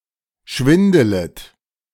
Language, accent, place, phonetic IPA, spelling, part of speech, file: German, Germany, Berlin, [ˈʃvɪndələt], schwindelet, verb, De-schwindelet.ogg
- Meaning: second-person plural subjunctive I of schwindeln